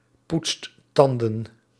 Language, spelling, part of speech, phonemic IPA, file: Dutch, poetst tanden, verb, /ˈputst ˈtɑndə(n)/, Nl-poetst tanden.ogg
- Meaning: inflection of tandenpoetsen: 1. second/third-person singular present indicative 2. plural imperative